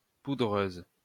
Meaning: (adjective) feminine singular of poudreux; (noun) powder, powder snow
- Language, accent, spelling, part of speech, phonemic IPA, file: French, France, poudreuse, adjective / noun, /pu.dʁøz/, LL-Q150 (fra)-poudreuse.wav